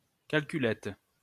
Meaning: calculator (handheld device)
- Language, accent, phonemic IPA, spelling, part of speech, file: French, France, /kal.ky.lɛt/, calculette, noun, LL-Q150 (fra)-calculette.wav